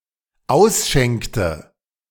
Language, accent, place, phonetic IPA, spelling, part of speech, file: German, Germany, Berlin, [ˈaʊ̯sˌʃɛŋktə], ausschenkte, verb, De-ausschenkte.ogg
- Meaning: inflection of ausschenken: 1. first/third-person singular dependent preterite 2. first/third-person singular dependent subjunctive II